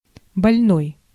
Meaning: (adjective) 1. sick, ill 2. painful 3. weak 4. morbid; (noun) patient (someone receiving treatment for an illness)
- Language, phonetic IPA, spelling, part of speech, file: Russian, [bɐlʲˈnoj], больной, adjective / noun, Ru-больной.ogg